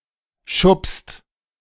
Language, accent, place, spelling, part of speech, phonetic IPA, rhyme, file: German, Germany, Berlin, schubst, verb, [ʃʊpst], -ʊpst, De-schubst.ogg
- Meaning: inflection of schubsen: 1. second/third-person singular present 2. second-person plural present 3. plural imperative